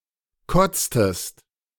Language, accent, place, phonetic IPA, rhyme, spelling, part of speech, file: German, Germany, Berlin, [ˈkɔt͡stəst], -ɔt͡stəst, kotztest, verb, De-kotztest.ogg
- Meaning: inflection of kotzen: 1. second-person singular preterite 2. second-person singular subjunctive II